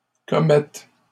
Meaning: third-person plural present indicative/subjunctive of commettre
- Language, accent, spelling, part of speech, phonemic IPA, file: French, Canada, commettent, verb, /kɔ.mɛt/, LL-Q150 (fra)-commettent.wav